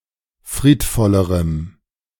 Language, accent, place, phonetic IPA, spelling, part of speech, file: German, Germany, Berlin, [ˈfʁiːtˌfɔləʁəm], friedvollerem, adjective, De-friedvollerem.ogg
- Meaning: strong dative masculine/neuter singular comparative degree of friedvoll